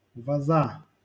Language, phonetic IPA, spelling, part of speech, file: Russian, [ˈvozə], воза, noun, LL-Q7737 (rus)-воза.wav
- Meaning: genitive singular of воз (voz)